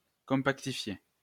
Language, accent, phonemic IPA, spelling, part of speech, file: French, France, /kɔ̃.pak.ti.fje/, compactifier, verb, LL-Q150 (fra)-compactifier.wav
- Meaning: to compactify